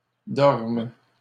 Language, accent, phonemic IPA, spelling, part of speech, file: French, Canada, /dɔʁm/, dormes, verb, LL-Q150 (fra)-dormes.wav
- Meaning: second-person singular present subjunctive of dormir